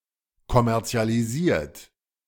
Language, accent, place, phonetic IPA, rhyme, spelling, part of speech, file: German, Germany, Berlin, [kɔmɛʁt͡si̯aliˈziːɐ̯t], -iːɐ̯t, kommerzialisiert, verb, De-kommerzialisiert.ogg
- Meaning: 1. past participle of kommerzialisieren 2. inflection of kommerzialisieren: third-person singular present 3. inflection of kommerzialisieren: second-person plural present